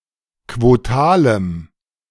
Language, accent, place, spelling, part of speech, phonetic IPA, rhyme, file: German, Germany, Berlin, quotalem, adjective, [kvoˈtaːləm], -aːləm, De-quotalem.ogg
- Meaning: strong dative masculine/neuter singular of quotal